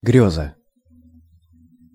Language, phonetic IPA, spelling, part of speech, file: Russian, [ˈɡrʲɵzə], грёза, noun, Ru-грёза.ogg
- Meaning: dream, daydream, vision